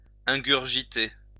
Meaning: 1. to swallow 2. to drink avidly
- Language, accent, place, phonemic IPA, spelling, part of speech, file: French, France, Lyon, /ɛ̃.ɡyʁ.ʒi.te/, ingurgiter, verb, LL-Q150 (fra)-ingurgiter.wav